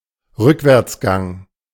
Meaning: reverse, reverse gear
- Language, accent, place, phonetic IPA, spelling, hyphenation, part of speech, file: German, Germany, Berlin, [ˈʁʏkvɛʁtsˌɡaŋ], Rückwärtsgang, Rück‧wärts‧gang, noun, De-Rückwärtsgang.ogg